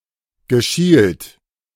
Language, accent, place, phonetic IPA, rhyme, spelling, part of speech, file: German, Germany, Berlin, [ɡəˈʃiːlt], -iːlt, geschielt, verb, De-geschielt.ogg
- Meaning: past participle of schielen